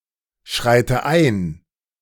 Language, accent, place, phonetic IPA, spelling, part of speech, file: German, Germany, Berlin, [ˌʃʁaɪ̯tə ˈaɪ̯n], schreite ein, verb, De-schreite ein.ogg
- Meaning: inflection of einschreiten: 1. first-person singular present 2. first/third-person singular subjunctive I 3. singular imperative